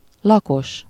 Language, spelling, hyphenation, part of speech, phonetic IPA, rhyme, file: Hungarian, lakos, la‧kos, noun, [ˈlɒkoʃ], -oʃ, Hu-lakos.ogg
- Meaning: inhabitant